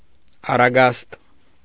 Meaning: 1. sail of a ship 2. curtain 3. nuptial chamber 4. wine-press
- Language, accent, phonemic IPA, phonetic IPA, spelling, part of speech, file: Armenian, Eastern Armenian, /ɑrɑˈɡɑst/, [ɑrɑɡɑ́st], առագաստ, noun, Hy-առագաստ.ogg